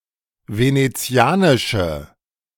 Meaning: inflection of venezianisch: 1. strong/mixed nominative/accusative feminine singular 2. strong nominative/accusative plural 3. weak nominative all-gender singular
- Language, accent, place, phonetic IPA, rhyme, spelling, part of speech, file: German, Germany, Berlin, [ˌveneˈt͡si̯aːnɪʃə], -aːnɪʃə, venezianische, adjective, De-venezianische.ogg